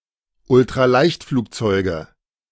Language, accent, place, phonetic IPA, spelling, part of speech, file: German, Germany, Berlin, [ʊltʁaˈlaɪ̯çtfluːkˌt͡sɔɪ̯ɡə], Ultraleichtflugzeuge, noun, De-Ultraleichtflugzeuge.ogg
- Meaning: nominative/accusative/genitive plural of Ultraleichtflugzeug